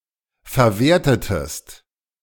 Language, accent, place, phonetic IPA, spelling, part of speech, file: German, Germany, Berlin, [fɛɐ̯ˈveːɐ̯tətəst], verwertetest, verb, De-verwertetest.ogg
- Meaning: inflection of verwerten: 1. second-person singular preterite 2. second-person singular subjunctive II